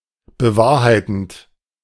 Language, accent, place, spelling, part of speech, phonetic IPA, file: German, Germany, Berlin, bewahrheitend, verb, [bəˈvaːɐ̯haɪ̯tn̩t], De-bewahrheitend.ogg
- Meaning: present participle of bewahrheiten